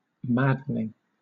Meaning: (adjective) 1. Causing frustration or anger 2. Leading to insanity; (verb) present participle and gerund of madden
- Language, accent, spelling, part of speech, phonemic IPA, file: English, Southern England, maddening, adjective / verb, /ˈmædənɪŋ/, LL-Q1860 (eng)-maddening.wav